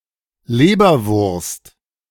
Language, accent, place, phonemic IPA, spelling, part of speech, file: German, Germany, Berlin, /ˈleːbɐvʊʁst/, Leberwurst, noun, De-Leberwurst.ogg
- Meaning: liverwurst, liver sausage